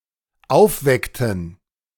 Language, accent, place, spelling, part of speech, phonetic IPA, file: German, Germany, Berlin, aufweckten, verb, [ˈaʊ̯fˌvɛktn̩], De-aufweckten.ogg
- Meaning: inflection of aufwecken: 1. first/third-person plural dependent preterite 2. first/third-person plural dependent subjunctive II